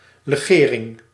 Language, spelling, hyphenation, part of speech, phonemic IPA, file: Dutch, legering, le‧ge‧ring, noun, /ləˈɣeːrɪŋ/, Nl-legering.ogg
- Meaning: alloy